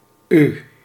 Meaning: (pronoun) 1. you (polite) 2. thee (dialectal) 3. yourself (polite) 4. yourselves (polite) 5. thyself (dialectal) 6. yourselves (dialectal)
- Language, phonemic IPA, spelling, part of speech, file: Dutch, /y/, u, pronoun / character, Nl-u.ogg